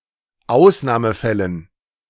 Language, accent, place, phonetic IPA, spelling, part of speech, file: German, Germany, Berlin, [ˈaʊ̯snaːməˌfɛlən], Ausnahmefällen, noun, De-Ausnahmefällen.ogg
- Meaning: dative plural of Ausnahmefall